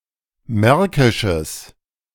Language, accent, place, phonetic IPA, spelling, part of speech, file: German, Germany, Berlin, [ˈmɛʁkɪʃəs], märkisches, adjective, De-märkisches.ogg
- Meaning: strong/mixed nominative/accusative neuter singular of märkisch